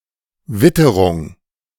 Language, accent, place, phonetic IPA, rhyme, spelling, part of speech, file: German, Germany, Berlin, [ˈvɪtəʁʊŋ], -ɪtəʁʊŋ, Witterung, noun, De-Witterung.ogg
- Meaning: 1. weather 2. scent (animal's sense of smell)